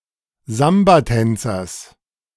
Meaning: genitive singular of Sambatänzer
- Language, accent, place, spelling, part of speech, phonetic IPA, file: German, Germany, Berlin, Sambatänzers, noun, [ˈzambaˌtɛnt͡sɐs], De-Sambatänzers.ogg